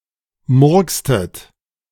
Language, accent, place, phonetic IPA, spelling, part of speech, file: German, Germany, Berlin, [ˈmʊʁkstət], murkstet, verb, De-murkstet.ogg
- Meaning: inflection of murksen: 1. second-person plural preterite 2. second-person plural subjunctive II